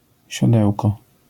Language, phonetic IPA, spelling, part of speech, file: Polish, [ɕɔˈdɛwkɔ], siodełko, noun, LL-Q809 (pol)-siodełko.wav